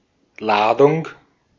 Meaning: 1. cargo, freight 2. load, batch 3. (electrical) charge 4. (explosive) charge; round (of ammunition) 5. citation, evocation, summons before a court or other authority
- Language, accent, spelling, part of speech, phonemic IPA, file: German, Austria, Ladung, noun, /ˈlaːdʊŋ/, De-at-Ladung.ogg